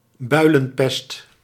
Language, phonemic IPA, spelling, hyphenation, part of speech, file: Dutch, /ˈbœy̯.lə(n)ˌpɛst/, builenpest, bui‧len‧pest, noun, Nl-builenpest.ogg
- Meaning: bubonic plague